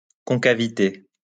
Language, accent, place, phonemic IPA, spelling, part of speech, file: French, France, Lyon, /kɔ̃.ka.vi.te/, concavité, noun, LL-Q150 (fra)-concavité.wav
- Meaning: concavity